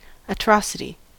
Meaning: 1. An extremely cruel act; a horrid act of injustice 2. The quality or state of being atrocious; enormous wickedness; extreme criminality or cruelty
- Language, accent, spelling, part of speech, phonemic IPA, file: English, US, atrocity, noun, /əˈtɹɑsɪti/, En-us-atrocity.ogg